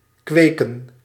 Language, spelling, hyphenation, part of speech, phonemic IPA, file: Dutch, kweken, kwe‧ken, verb / noun, /ˈkʋeː.kə(n)/, Nl-kweken.ogg
- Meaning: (verb) 1. to breed animals 2. to grow a crop or other plants 3. to breed, procreate 4. to develop a property; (noun) plural of kweek